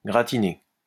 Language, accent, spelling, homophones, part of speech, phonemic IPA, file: French, France, gratiner, gratinai / gratiné / gratinée / gratinées / gratinés / gratinez, verb, /ɡʁa.ti.ne/, LL-Q150 (fra)-gratiner.wav
- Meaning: to grill; to brown